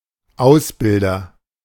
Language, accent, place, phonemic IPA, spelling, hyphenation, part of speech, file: German, Germany, Berlin, /ˈaʊ̯sˌbɪldɐ/, Ausbilder, Aus‧bil‧der, noun, De-Ausbilder.ogg
- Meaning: agent noun of ausbilden; educator, instructor